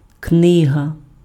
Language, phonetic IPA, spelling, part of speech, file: Ukrainian, [ˈknɪɦɐ], книга, noun, Uk-книга.ogg
- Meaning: book (elevated)